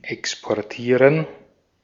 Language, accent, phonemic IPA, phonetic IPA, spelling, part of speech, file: German, Austria, /ɛkspɔʁˈtiːʁən/, [ʔɛkspɔɐ̯ˈtʰiːɐ̯n], exportieren, verb, De-at-exportieren.ogg
- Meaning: to export